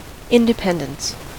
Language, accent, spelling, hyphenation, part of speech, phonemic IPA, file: English, US, independence, in‧de‧pend‧ence, noun, /ˌɪn.dɪˈpɛn.dəns/, En-us-independence.ogg
- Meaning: 1. The quality or state of being independent; lack of dependence; the state of not being reliant on, or controlled by, others 2. The state of having sufficient means for a comfortable livelihood